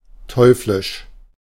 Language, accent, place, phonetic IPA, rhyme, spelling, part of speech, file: German, Germany, Berlin, [ˈtʰɔʏ̯flɪʃ], -ɪʃ, teuflisch, adjective, De-teuflisch.ogg
- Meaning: devilish